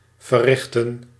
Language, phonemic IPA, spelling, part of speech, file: Dutch, /vəˈrɪxtə(n)/, verrichten, verb, Nl-verrichten.ogg
- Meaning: to perform, to carry out